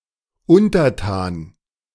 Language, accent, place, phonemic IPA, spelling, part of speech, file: German, Germany, Berlin, /ˈʊntɐˌtaːn/, Untertan, noun, De-Untertan.ogg
- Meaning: 1. a citizen in a monarchy; a subject 2. a citizen in any kind of state who is naively uncritical of the government; or anybody who is habitually very obedient to their superiors